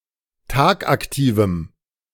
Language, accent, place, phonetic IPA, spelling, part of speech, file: German, Germany, Berlin, [ˈtaːkʔakˌtiːvm̩], tagaktivem, adjective, De-tagaktivem.ogg
- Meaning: strong dative masculine/neuter singular of tagaktiv